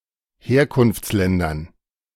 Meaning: dative plural of Herkunftsland
- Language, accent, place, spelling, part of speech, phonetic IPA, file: German, Germany, Berlin, Herkunftsländern, noun, [ˈheːɐ̯kʊnft͡sˌlɛndɐn], De-Herkunftsländern.ogg